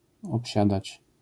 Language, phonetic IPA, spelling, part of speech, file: Polish, [ɔpʲˈɕadat͡ɕ], obsiadać, verb, LL-Q809 (pol)-obsiadać.wav